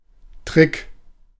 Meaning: 1. trick 2. ruse 3. gimmick
- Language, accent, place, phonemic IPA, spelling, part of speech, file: German, Germany, Berlin, /tʁɪk/, Trick, noun, De-Trick.ogg